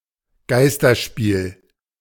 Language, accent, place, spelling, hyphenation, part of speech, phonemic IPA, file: German, Germany, Berlin, Geisterspiel, Geis‧ter‧spiel, noun, /ˈɡaɪ̯stɐˌʃpiːl/, De-Geisterspiel.ogg
- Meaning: game without any spectators (typically deliberately excluded as a consequence of prior violence or other violations)